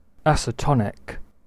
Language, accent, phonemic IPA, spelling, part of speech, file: English, UK, /ˈæsɛˌtɒnɪk/, acetonic, adjective, En-uk-acetonic.ogg
- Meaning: Of, pertaining to, or producing acetone